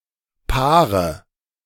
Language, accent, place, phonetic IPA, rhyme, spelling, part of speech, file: German, Germany, Berlin, [ˈpaːʁə], -aːʁə, paare, adjective / verb, De-paare.ogg
- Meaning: inflection of paaren: 1. first-person singular present 2. first/third-person singular subjunctive I 3. singular imperative